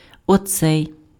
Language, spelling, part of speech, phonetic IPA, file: Ukrainian, оцей, determiner, [ɔˈt͡sɛi̯], Uk-оцей.ogg
- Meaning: 1. alternative form of цей (cej) 2. this one